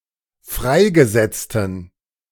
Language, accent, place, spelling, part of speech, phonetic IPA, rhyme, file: German, Germany, Berlin, freigesetzten, adjective, [ˈfʁaɪ̯ɡəˌzɛt͡stn̩], -aɪ̯ɡəzɛt͡stn̩, De-freigesetzten.ogg
- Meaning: inflection of freigesetzt: 1. strong genitive masculine/neuter singular 2. weak/mixed genitive/dative all-gender singular 3. strong/weak/mixed accusative masculine singular 4. strong dative plural